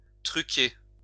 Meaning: 1. to tamper with, to fiddle, to falsify 2. to trick 3. to fix, rig (e.g. elections, a sports match)
- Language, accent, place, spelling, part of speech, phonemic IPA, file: French, France, Lyon, truquer, verb, /tʁy.ke/, LL-Q150 (fra)-truquer.wav